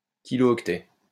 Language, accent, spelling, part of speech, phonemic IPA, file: French, France, kilooctet, noun, /ki.lo.ɔk.tɛ/, LL-Q150 (fra)-kilooctet.wav
- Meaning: kilobyte